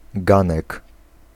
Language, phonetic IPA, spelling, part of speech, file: Polish, [ˈɡãnɛk], ganek, noun, Pl-ganek.ogg